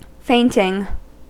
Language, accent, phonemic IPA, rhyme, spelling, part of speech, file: English, US, /ˈfeɪntɪŋ/, -eɪntɪŋ, fainting, verb / noun, En-us-fainting.ogg
- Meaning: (verb) present participle and gerund of faint; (noun) An act of collapsing into a state of temporary unconsciousness